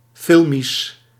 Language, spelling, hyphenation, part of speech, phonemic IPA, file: Dutch, filmisch, fil‧misch, adjective, /ˈfɪl.mis/, Nl-filmisch.ogg
- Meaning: of or related to film, video or cinema; cinematic